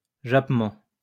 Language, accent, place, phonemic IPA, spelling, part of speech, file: French, France, Lyon, /ʒap.mɑ̃/, jappement, noun, LL-Q150 (fra)-jappement.wav
- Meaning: yelp; whine